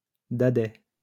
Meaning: clumsy child, awkward youth ; an oaf
- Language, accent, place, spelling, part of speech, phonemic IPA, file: French, France, Lyon, dadais, noun, /da.dɛ/, LL-Q150 (fra)-dadais.wav